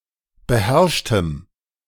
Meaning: strong dative masculine/neuter singular of beherrscht
- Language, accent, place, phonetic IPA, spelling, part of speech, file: German, Germany, Berlin, [bəˈhɛʁʃtəm], beherrschtem, adjective, De-beherrschtem.ogg